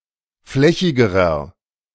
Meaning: inflection of flächig: 1. strong/mixed nominative masculine singular comparative degree 2. strong genitive/dative feminine singular comparative degree 3. strong genitive plural comparative degree
- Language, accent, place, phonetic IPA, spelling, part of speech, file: German, Germany, Berlin, [ˈflɛçɪɡəʁɐ], flächigerer, adjective, De-flächigerer.ogg